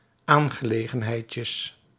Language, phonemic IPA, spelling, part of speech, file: Dutch, /ˈaŋɣəˌleɣə(n)hɛitcəs/, aangelegenheidjes, noun, Nl-aangelegenheidjes.ogg
- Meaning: plural of aangelegenheidje